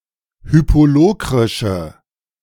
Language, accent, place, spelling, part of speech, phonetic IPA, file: German, Germany, Berlin, hypolokrische, adjective, [ˈhyːpoˌloːkʁɪʃə], De-hypolokrische.ogg
- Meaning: inflection of hypolokrisch: 1. strong/mixed nominative/accusative feminine singular 2. strong nominative/accusative plural 3. weak nominative all-gender singular